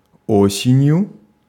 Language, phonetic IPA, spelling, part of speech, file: Russian, [ˈosʲɪnʲjʊ], осенью, adverb / noun, Ru-осенью.ogg
- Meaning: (adverb) in autumn; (noun) instrumental singular of о́сень (ósenʹ)